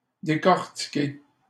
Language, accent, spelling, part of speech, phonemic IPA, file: French, Canada, décortiquer, verb, /de.kɔʁ.ti.ke/, LL-Q150 (fra)-décortiquer.wav
- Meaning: 1. to decorticate, to peel, to shell (remove a shell, an outer layer from) 2. to dissect, to scrutinize, to analyse, to study 3. to be scrutinized